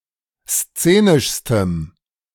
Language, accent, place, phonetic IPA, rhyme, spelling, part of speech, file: German, Germany, Berlin, [ˈst͡seːnɪʃstəm], -eːnɪʃstəm, szenischstem, adjective, De-szenischstem.ogg
- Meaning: strong dative masculine/neuter singular superlative degree of szenisch